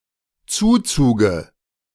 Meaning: dative of Zuzug
- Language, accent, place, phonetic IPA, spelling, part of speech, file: German, Germany, Berlin, [ˈt͡suːˌt͡suːɡə], Zuzuge, noun, De-Zuzuge.ogg